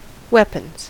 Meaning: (noun) plural of weapon; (verb) third-person singular simple present indicative of weapon
- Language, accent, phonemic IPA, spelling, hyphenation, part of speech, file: English, US, /ˈwɛpənz/, weapons, weap‧ons, noun / verb, En-us-weapons.ogg